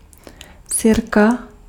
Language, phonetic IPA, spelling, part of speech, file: Czech, [ˈsɪrka], sirka, noun, Cs-sirka.ogg
- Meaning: match (device to make fire)